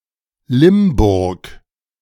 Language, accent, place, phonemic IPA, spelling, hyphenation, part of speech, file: German, Germany, Berlin, /ˈlɪmˌbʊʁk/, Limburg, Lim‧burg, proper noun, De-Limburg.ogg
- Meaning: 1. Limburg (a province of Belgium) 2. Limburg (a province of the Netherlands) 3. a town, the administrative seat of Limburg-Weilburg district, Hesse; official name: Limburg an der Lahn